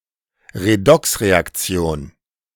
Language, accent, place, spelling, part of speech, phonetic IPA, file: German, Germany, Berlin, Redoxreaktion, noun, [ʁeˈdɔksʁeakˌt͡si̯oːn], De-Redoxreaktion.ogg
- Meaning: redox reaction